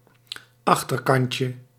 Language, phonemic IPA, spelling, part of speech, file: Dutch, /ˈɑxtərkɑncə/, achterkantje, noun, Nl-achterkantje.ogg
- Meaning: diminutive of achterkant